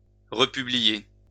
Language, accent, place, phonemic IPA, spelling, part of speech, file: French, France, Lyon, /ʁə.py.bli.je/, republier, verb, LL-Q150 (fra)-republier.wav
- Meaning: to republish